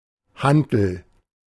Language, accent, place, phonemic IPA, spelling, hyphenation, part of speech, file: German, Germany, Berlin, /ˈhantəl/, Hantel, Han‧tel, noun, De-Hantel.ogg
- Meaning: dumbbell, barbell (weight with two disks attached to a bar)